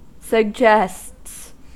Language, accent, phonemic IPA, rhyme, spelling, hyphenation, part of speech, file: English, US, /sə(ɡ)ˈd͡ʒɛsts/, -ɛsts, suggests, sug‧gests, verb, En-us-suggests.ogg
- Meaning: third-person singular simple present indicative of suggest